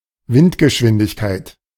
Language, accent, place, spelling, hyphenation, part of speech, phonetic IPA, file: German, Germany, Berlin, Windgeschwindigkeit, Wind‧ge‧schwin‧dig‧keit, noun, [ˈvɪntɡəˌʃvɪndɪçkaɪ̯t], De-Windgeschwindigkeit.ogg
- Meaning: wind speed